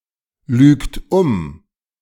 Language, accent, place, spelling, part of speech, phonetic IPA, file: German, Germany, Berlin, lügt um, verb, [ˌlyːkt ˈʊm], De-lügt um.ogg
- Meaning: inflection of umlügen: 1. third-person singular present 2. second-person plural present 3. plural imperative